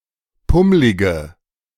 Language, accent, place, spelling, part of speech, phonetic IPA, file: German, Germany, Berlin, pummlige, adjective, [ˈpʊmlɪɡə], De-pummlige.ogg
- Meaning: inflection of pummlig: 1. strong/mixed nominative/accusative feminine singular 2. strong nominative/accusative plural 3. weak nominative all-gender singular 4. weak accusative feminine/neuter singular